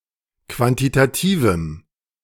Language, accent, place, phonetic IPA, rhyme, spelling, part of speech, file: German, Germany, Berlin, [ˌkvantitaˈtiːvm̩], -iːvm̩, quantitativem, adjective, De-quantitativem.ogg
- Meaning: strong dative masculine/neuter singular of quantitativ